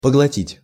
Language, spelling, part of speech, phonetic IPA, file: Russian, поглотить, verb, [pəɡɫɐˈtʲitʲ], Ru-поглотить.ogg
- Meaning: 1. to swallow up, to devour 2. to absorb, to take up